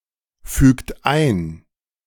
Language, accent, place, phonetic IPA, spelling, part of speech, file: German, Germany, Berlin, [ˌfyːkt ˈaɪ̯n], fügt ein, verb, De-fügt ein.ogg
- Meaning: inflection of einfügen: 1. third-person singular present 2. second-person plural present 3. plural imperative